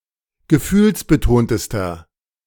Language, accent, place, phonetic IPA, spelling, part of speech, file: German, Germany, Berlin, [ɡəˈfyːlsbəˌtoːntəstɐ], gefühlsbetontester, adjective, De-gefühlsbetontester.ogg
- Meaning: inflection of gefühlsbetont: 1. strong/mixed nominative masculine singular superlative degree 2. strong genitive/dative feminine singular superlative degree